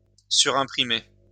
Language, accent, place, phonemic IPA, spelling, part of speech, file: French, France, Lyon, /sy.ʁɛ̃.pʁi.me/, surimprimer, verb, LL-Q150 (fra)-surimprimer.wav
- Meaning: to overprint